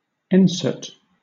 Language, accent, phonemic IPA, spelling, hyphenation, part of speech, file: English, Southern England, /ˈɛnsət/, ensete, en‧sete, noun, LL-Q1860 (eng)-ensete.wav
- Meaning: Ensete ventricosum, a species of flowering plant in the banana family Musaceae, the root of which is used for food and other purposes